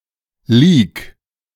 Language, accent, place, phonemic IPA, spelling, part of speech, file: German, Germany, Berlin, /liːk/, leak, verb, De-leak.ogg
- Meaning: 1. singular imperative of leaken 2. first-person singular present of leaken